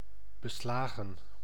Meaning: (noun) plural of beslag; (verb) past participle of beslaan
- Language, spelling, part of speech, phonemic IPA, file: Dutch, beslagen, noun / verb, /bəˈslaːɣə(n)/, Nl-beslagen.ogg